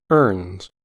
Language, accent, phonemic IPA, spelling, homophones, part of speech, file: English, US, /ɝnz/, earns, erns / ernes / urns, verb, En-us-earns.ogg
- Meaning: third-person singular simple present indicative of earn